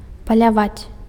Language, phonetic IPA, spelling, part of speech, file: Belarusian, [palʲaˈvat͡sʲ], паляваць, verb, Be-паляваць.ogg
- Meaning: to hunt (to find or search for an animal in the wild with the intention of killing the animal for its meat or for sport)